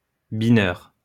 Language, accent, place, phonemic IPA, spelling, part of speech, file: French, France, Lyon, /bi.nœʁ/, bineur, noun, LL-Q150 (fra)-bineur.wav
- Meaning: hoer